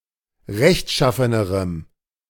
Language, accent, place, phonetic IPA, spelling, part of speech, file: German, Germany, Berlin, [ˈʁɛçtˌʃafənəʁəm], rechtschaffenerem, adjective, De-rechtschaffenerem.ogg
- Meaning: strong dative masculine/neuter singular comparative degree of rechtschaffen